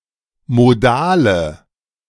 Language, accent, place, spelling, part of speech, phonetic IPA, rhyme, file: German, Germany, Berlin, modale, adjective, [moˈdaːlə], -aːlə, De-modale.ogg
- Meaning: inflection of modal: 1. strong/mixed nominative/accusative feminine singular 2. strong nominative/accusative plural 3. weak nominative all-gender singular 4. weak accusative feminine/neuter singular